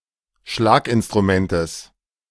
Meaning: genitive singular of Schlaginstrument
- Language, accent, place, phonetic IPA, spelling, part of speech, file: German, Germany, Berlin, [ˈʃlaːkʔɪnstʁuˌmɛntəs], Schlaginstrumentes, noun, De-Schlaginstrumentes.ogg